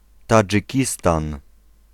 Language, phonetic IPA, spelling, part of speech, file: Polish, [ˌtad͡ʒɨˈcistãn], Tadżykistan, proper noun, Pl-Tadżykistan.ogg